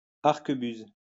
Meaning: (noun) arquebus; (verb) inflection of arquebuser: 1. first/third-person singular present indicative/subjunctive 2. second-person singular imperative
- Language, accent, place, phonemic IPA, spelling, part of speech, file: French, France, Lyon, /aʁ.kə.byz/, arquebuse, noun / verb, LL-Q150 (fra)-arquebuse.wav